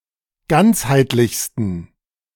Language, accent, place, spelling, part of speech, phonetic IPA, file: German, Germany, Berlin, ganzheitlichsten, adjective, [ˈɡant͡shaɪ̯tlɪçstn̩], De-ganzheitlichsten.ogg
- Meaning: 1. superlative degree of ganzheitlich 2. inflection of ganzheitlich: strong genitive masculine/neuter singular superlative degree